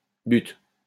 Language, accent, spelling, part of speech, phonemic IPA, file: French, France, butte, noun, /byt/, LL-Q150 (fra)-butte.wav
- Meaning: 1. small hill, mound, hillock; knoll 2. heap 3. a mound of dirt upon which targets were placed to practice shooting 4. butt, target